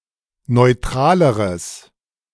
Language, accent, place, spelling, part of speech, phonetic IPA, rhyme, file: German, Germany, Berlin, neutraleres, adjective, [nɔɪ̯ˈtʁaːləʁəs], -aːləʁəs, De-neutraleres.ogg
- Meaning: strong/mixed nominative/accusative neuter singular comparative degree of neutral